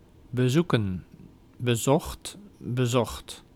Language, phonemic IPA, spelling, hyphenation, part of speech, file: Dutch, /bəˈzukə(n)/, bezoeken, be‧zoe‧ken, verb / noun, Nl-bezoeken.ogg
- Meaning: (verb) to visit; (noun) plural of bezoek